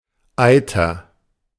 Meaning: 1. atter 2. pus
- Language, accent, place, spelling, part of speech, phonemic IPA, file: German, Germany, Berlin, Eiter, noun, /ˈaɪtɐ/, De-Eiter.ogg